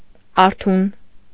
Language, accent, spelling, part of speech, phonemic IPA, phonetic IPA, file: Armenian, Eastern Armenian, արթուն, adjective, /ɑɾˈtʰun/, [ɑɾtʰún], Hy-արթուն.ogg
- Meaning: 1. awake 2. watchful, alert